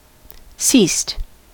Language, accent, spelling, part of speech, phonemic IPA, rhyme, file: English, US, ceased, verb, /siːst/, -iːst, En-us-ceased.ogg
- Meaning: simple past and past participle of cease